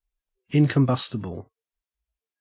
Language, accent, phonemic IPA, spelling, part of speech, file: English, Australia, /ˌɪŋkəmˈbʌstɪbəl/, incombustible, adjective / noun, En-au-incombustible.ogg
- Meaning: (adjective) Not capable of catching fire and burning; not flammable; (noun) An incombustible substance